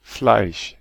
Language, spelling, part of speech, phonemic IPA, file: German, Fleisch, noun, /flaɪ̯ʃ/, De-Fleisch.ogg
- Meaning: 1. flesh 2. meat 3. pulp (of fruit) 4. a slab of meat, meat which is not in the form of a sausage